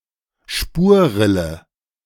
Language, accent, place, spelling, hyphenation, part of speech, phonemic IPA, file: German, Germany, Berlin, Spurrille, Spur‧ril‧le, noun, /ˈʃpuːɐ̯ˌʁɪlə/, De-Spurrille.ogg
- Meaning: rut